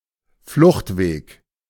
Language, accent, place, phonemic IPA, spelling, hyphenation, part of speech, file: German, Germany, Berlin, /ˈflʊxtˌveːk/, Fluchtweg, Flucht‧weg, noun, De-Fluchtweg.ogg
- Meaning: escape route